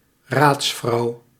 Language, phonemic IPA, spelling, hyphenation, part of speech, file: Dutch, /ˈraːts.frɑu̯/, raadsvrouw, raads‧vrouw, noun, Nl-raadsvrouw.ogg
- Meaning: female lawyer, female legal counsel